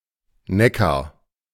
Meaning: Neckar (a major right tributary of the Rhine in Baden-Württemberg and Hesse, Germany)
- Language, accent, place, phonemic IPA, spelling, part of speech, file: German, Germany, Berlin, /ˈnɛkaʁ/, Neckar, proper noun, De-Neckar.ogg